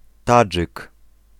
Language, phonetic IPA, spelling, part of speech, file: Polish, [ˈtad͡ʒɨk], Tadżyk, noun, Pl-Tadżyk.ogg